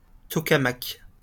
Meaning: tokamak
- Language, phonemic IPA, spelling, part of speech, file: French, /tɔ.ka.mak/, tokamak, noun, LL-Q150 (fra)-tokamak.wav